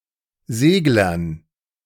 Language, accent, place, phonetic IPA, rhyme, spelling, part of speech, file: German, Germany, Berlin, [ˈzeːɡlɐn], -eːɡlɐn, Seglern, noun, De-Seglern.ogg
- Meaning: dative plural of Segler